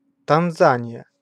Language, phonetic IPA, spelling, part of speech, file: Russian, [tɐnˈzanʲɪjə], Танзания, proper noun, Ru-Танзания.ogg
- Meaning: Tanzania (a country in East Africa)